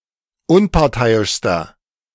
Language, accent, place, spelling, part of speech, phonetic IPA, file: German, Germany, Berlin, unparteiischster, adjective, [ˈʊnpaʁˌtaɪ̯ɪʃstɐ], De-unparteiischster.ogg
- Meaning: inflection of unparteiisch: 1. strong/mixed nominative masculine singular superlative degree 2. strong genitive/dative feminine singular superlative degree 3. strong genitive plural superlative degree